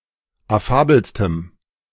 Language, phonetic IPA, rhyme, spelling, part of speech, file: German, [aˈfaːbl̩stəm], -aːbl̩stəm, affabelstem, adjective, De-affabelstem.oga
- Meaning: strong dative masculine/neuter singular superlative degree of affabel